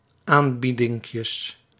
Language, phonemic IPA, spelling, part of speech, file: Dutch, /ˈambidɪŋkjəs/, aanbiedinkjes, noun, Nl-aanbiedinkjes.ogg
- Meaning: plural of aanbiedinkje